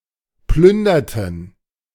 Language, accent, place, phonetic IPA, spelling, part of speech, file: German, Germany, Berlin, [ˈplʏndɐtn̩], plünderten, verb, De-plünderten.ogg
- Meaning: inflection of plündern: 1. first/third-person plural preterite 2. first/third-person plural subjunctive II